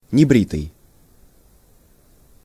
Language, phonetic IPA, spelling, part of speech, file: Russian, [nʲɪˈbrʲitɨj], небритый, adjective, Ru-небритый.ogg
- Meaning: unshaven